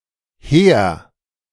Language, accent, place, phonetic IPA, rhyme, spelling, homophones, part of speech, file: German, Germany, Berlin, [heːɐ̯], -eːɐ̯, hehr, Heer / her, adjective, De-hehr.ogg
- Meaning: 1. awe-inspiring, sublime 2. lofty, grand, high-minded (of ideas, plans, motivations, etc.)